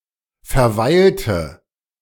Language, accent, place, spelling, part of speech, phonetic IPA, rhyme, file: German, Germany, Berlin, verweilte, verb, [fɛɐ̯ˈvaɪ̯ltə], -aɪ̯ltə, De-verweilte.ogg
- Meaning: inflection of verweilen: 1. first/third-person singular preterite 2. first/third-person singular subjunctive II